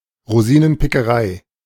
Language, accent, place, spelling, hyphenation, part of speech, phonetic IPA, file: German, Germany, Berlin, Rosinenpickerei, Ro‧si‧nen‧pi‧cke‧rei, noun, [ʁoˈziːnənpɪkəˌʁaɪ̯], De-Rosinenpickerei.ogg
- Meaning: cherry picking